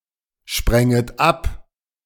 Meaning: second-person plural subjunctive II of abspringen
- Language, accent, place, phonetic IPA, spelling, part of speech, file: German, Germany, Berlin, [ˌʃpʁɛŋət ˈap], spränget ab, verb, De-spränget ab.ogg